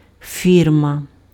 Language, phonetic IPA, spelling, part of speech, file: Ukrainian, [ˈfʲirmɐ], фірма, noun, Uk-фірма.ogg
- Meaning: firm, company